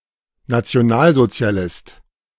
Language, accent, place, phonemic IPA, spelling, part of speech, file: German, Germany, Berlin, /natsi̯oˈnaːlzotsi̯aˌlɪst/, Nationalsozialist, noun, De-Nationalsozialist.ogg
- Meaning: National Socialist (male or of unspecified gender)